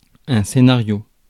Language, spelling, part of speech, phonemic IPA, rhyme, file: French, scénario, noun, /se.na.ʁjo/, -jo, Fr-scénario.ogg
- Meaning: 1. script 2. screenplay 3. scenario (all meanings)